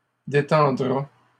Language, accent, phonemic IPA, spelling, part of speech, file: French, Canada, /de.tɑ̃.dʁa/, détendra, verb, LL-Q150 (fra)-détendra.wav
- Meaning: third-person singular simple future of détendre